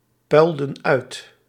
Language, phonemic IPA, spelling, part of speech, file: Dutch, /ˈpœyldə(n) ˈœyt/, puilden uit, verb, Nl-puilden uit.ogg
- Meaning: inflection of uitpuilen: 1. plural past indicative 2. plural past subjunctive